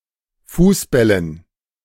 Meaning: dative plural of Fußball
- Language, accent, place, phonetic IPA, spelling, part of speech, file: German, Germany, Berlin, [ˈfuːsˌbɛlən], Fußbällen, noun, De-Fußbällen.ogg